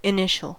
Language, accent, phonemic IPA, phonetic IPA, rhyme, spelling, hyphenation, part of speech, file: English, US, /ɪˈnɪʃ.əl/, [ɪˈnɪʃ.(ə̯)l̩], -ɪʃəl, initial, in‧i‧tial, adjective / noun / verb, En-us-initial.ogg
- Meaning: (adjective) Chronologically first, early; of or pertaining to the beginning, cause or origin